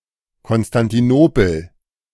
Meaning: Constantinople (the former name, from 330–1930 C.E., of Istanbul, the largest city in Turkey; the former capital of the Ottoman Empire and of the Byzantine Empire before that)
- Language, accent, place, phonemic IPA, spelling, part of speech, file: German, Germany, Berlin, /ˌkɔnstantiˈnoːpl̩/, Konstantinopel, proper noun, De-Konstantinopel.ogg